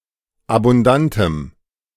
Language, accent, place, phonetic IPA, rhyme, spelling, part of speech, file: German, Germany, Berlin, [abʊnˈdantəm], -antəm, abundantem, adjective, De-abundantem.ogg
- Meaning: strong dative masculine/neuter singular of abundant